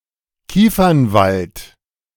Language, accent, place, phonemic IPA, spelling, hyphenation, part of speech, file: German, Germany, Berlin, /ˈkiːfɐnˌvalt/, Kiefernwald, Kie‧fern‧wald, noun, De-Kiefernwald.ogg
- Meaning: pinewood (a forest or grove of pine trees)